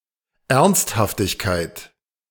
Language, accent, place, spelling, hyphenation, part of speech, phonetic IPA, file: German, Germany, Berlin, Ernsthaftigkeit, Ernst‧haf‧tig‧keit, noun, [ˈɛʁnsthaftɪçkaɪ̯t], De-Ernsthaftigkeit.ogg
- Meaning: sobriety, seriousness, earnestness